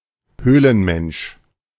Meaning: caveman
- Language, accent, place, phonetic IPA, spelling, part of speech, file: German, Germany, Berlin, [ˈhøːlənˌmɛnʃ], Höhlenmensch, noun, De-Höhlenmensch.ogg